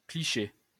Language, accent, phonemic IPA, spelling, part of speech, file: French, France, /kli.ʃe/, clicher, verb, LL-Q150 (fra)-clicher.wav
- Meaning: 1. to stereotype (in either sense of the word) 2. to photograph